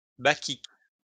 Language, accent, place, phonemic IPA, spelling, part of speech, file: French, France, Lyon, /ba.kik/, bacchique, adjective, LL-Q150 (fra)-bacchique.wav
- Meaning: alternative form of bachique